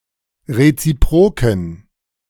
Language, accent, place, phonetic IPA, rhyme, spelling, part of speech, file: German, Germany, Berlin, [ʁet͡siˈpʁoːkn̩], -oːkn̩, reziproken, adjective, De-reziproken.ogg
- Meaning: inflection of reziprok: 1. strong genitive masculine/neuter singular 2. weak/mixed genitive/dative all-gender singular 3. strong/weak/mixed accusative masculine singular 4. strong dative plural